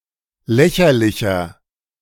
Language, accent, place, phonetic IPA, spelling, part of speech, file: German, Germany, Berlin, [ˈlɛçɐlɪçɐ], lächerlicher, adjective, De-lächerlicher.ogg
- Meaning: 1. comparative degree of lächerlich 2. inflection of lächerlich: strong/mixed nominative masculine singular 3. inflection of lächerlich: strong genitive/dative feminine singular